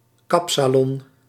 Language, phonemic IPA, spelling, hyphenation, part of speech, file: Dutch, /ˈkɑp.saːˌlɔn/, kapsalon, kap‧sa‧lon, noun, Nl-kapsalon.ogg
- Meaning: 1. barber shop, hair salon 2. a type of fast food, consisting of fries topped with doner or shawarma meat, grilled with cheese and covered with salad; similar to a halal snack pack or munchy box